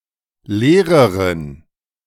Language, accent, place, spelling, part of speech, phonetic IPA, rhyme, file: German, Germany, Berlin, leereren, adjective, [ˈleːʁəʁən], -eːʁəʁən, De-leereren.ogg
- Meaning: inflection of leer: 1. strong genitive masculine/neuter singular comparative degree 2. weak/mixed genitive/dative all-gender singular comparative degree